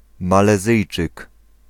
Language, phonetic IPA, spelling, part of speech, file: Polish, [ˌmalɛˈzɨjt͡ʃɨk], Malezyjczyk, noun, Pl-Malezyjczyk.ogg